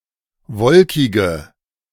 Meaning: inflection of wolkig: 1. strong/mixed nominative/accusative feminine singular 2. strong nominative/accusative plural 3. weak nominative all-gender singular 4. weak accusative feminine/neuter singular
- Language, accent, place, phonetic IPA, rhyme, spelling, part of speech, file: German, Germany, Berlin, [ˈvɔlkɪɡə], -ɔlkɪɡə, wolkige, adjective, De-wolkige.ogg